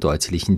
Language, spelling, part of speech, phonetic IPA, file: German, deutlichen, adjective, [ˈdɔɪ̯tlɪçn̩], De-deutlichen.ogg
- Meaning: inflection of deutlich: 1. strong genitive masculine/neuter singular 2. weak/mixed genitive/dative all-gender singular 3. strong/weak/mixed accusative masculine singular 4. strong dative plural